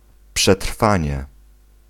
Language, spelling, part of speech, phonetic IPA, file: Polish, przetrwanie, noun, [pʃɛˈtr̥fãɲɛ], Pl-przetrwanie.ogg